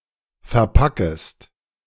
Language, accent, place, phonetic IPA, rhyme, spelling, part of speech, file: German, Germany, Berlin, [fɛɐ̯ˈpakəst], -akəst, verpackest, verb, De-verpackest.ogg
- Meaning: second-person singular subjunctive I of verpacken